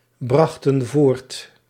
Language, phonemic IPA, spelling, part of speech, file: Dutch, /ˈbrɑxtə(n) ˈvort/, brachten voort, verb, Nl-brachten voort.ogg
- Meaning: inflection of voortbrengen: 1. plural past indicative 2. plural past subjunctive